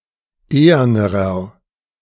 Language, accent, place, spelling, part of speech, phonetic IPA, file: German, Germany, Berlin, ehernerer, adjective, [ˈeːɐnəʁɐ], De-ehernerer.ogg
- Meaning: inflection of ehern: 1. strong/mixed nominative masculine singular comparative degree 2. strong genitive/dative feminine singular comparative degree 3. strong genitive plural comparative degree